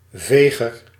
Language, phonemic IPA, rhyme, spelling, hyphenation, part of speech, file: Dutch, /ˈveː.ɣər/, -eːɣər, veger, ve‧ger, noun, Nl-veger.ogg
- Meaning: 1. sweeper, one who sweeps 2. broom, duster